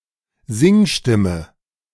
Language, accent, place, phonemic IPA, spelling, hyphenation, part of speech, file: German, Germany, Berlin, /ˈzɪŋˌʃtɪmə/, Singstimme, Sing‧stim‧me, noun, De-Singstimme.ogg
- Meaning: singing voice